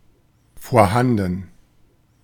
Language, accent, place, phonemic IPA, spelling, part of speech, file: German, Germany, Berlin, /foːɐ̯ˈhandn̩/, vorhanden, adjective, De-vorhanden.ogg
- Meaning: available, existing